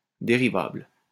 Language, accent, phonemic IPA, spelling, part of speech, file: French, France, /de.ʁi.vabl/, dérivable, adjective, LL-Q150 (fra)-dérivable.wav
- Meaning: 1. derivable 2. differentiable